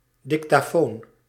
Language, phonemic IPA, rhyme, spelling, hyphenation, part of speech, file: Dutch, /dɪkˈtaːt/, -aːt, dictaat, dic‧taat, noun, Nl-dictaat.ogg
- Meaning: 1. diktat, order 2. dictated text 3. prepared text intended to be read aloud at a meeting or presentation (e.g. in class)